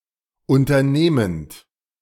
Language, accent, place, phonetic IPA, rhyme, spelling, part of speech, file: German, Germany, Berlin, [ˌʊntɐˈneːmənt], -eːmənt, unternehmend, verb, De-unternehmend.ogg
- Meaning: present participle of unternehmen